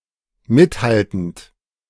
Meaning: present participle of mithalten
- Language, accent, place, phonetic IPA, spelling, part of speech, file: German, Germany, Berlin, [ˈmɪtˌhaltn̩t], mithaltend, verb, De-mithaltend.ogg